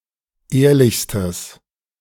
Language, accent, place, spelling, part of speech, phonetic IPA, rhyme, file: German, Germany, Berlin, ehrlichstes, adjective, [ˈeːɐ̯lɪçstəs], -eːɐ̯lɪçstəs, De-ehrlichstes.ogg
- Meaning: strong/mixed nominative/accusative neuter singular superlative degree of ehrlich